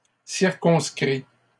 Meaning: inflection of circonscrire: 1. first/second-person singular present indicative 2. second-person singular imperative
- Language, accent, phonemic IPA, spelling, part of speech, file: French, Canada, /siʁ.kɔ̃s.kʁi/, circonscris, verb, LL-Q150 (fra)-circonscris.wav